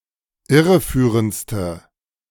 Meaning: inflection of irreführend: 1. strong/mixed nominative/accusative feminine singular superlative degree 2. strong nominative/accusative plural superlative degree
- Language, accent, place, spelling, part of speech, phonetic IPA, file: German, Germany, Berlin, irreführendste, adjective, [ˈɪʁəˌfyːʁənt͡stə], De-irreführendste.ogg